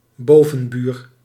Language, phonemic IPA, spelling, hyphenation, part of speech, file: Dutch, /ˈboː.və(n)ˌbyːr/, bovenbuur, bo‧ven‧buur, noun, Nl-bovenbuur.ogg
- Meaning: upstairs neighbour